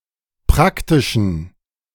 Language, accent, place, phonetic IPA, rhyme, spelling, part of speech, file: German, Germany, Berlin, [ˈpʁaktɪʃn̩], -aktɪʃn̩, praktischen, adjective, De-praktischen.ogg
- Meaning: inflection of praktisch: 1. strong genitive masculine/neuter singular 2. weak/mixed genitive/dative all-gender singular 3. strong/weak/mixed accusative masculine singular 4. strong dative plural